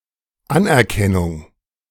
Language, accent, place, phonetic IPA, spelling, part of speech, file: German, Germany, Berlin, [ˈanʔɛɐ̯ˌkɛnʊŋ], Anerkennung, noun, De-Anerkennung.ogg
- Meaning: 1. appreciation (a just valuation or estimate of merit, worth, weight, etc.; recognition of excellence) 2. recognition